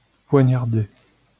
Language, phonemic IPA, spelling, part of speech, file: French, /pwa.ɲaʁ.de/, poignarder, verb, LL-Q150 (fra)-poignarder.wav
- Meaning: to stab; to knife